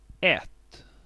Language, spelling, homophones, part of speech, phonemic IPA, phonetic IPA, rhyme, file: Swedish, ett, ätt / det, article / numeral, /ɛt/, [ɛtː], -ɛtː, Sv-ett.ogg
- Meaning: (article) a, an (neuter indefinite article); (numeral) one